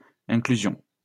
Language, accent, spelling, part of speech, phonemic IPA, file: French, France, inclusion, noun, /ɛ̃.kly.zjɔ̃/, LL-Q150 (fra)-inclusion.wav
- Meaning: inclusion